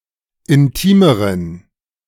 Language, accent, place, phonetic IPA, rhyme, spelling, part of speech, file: German, Germany, Berlin, [ɪnˈtiːməʁən], -iːməʁən, intimeren, adjective, De-intimeren.ogg
- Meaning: inflection of intim: 1. strong genitive masculine/neuter singular comparative degree 2. weak/mixed genitive/dative all-gender singular comparative degree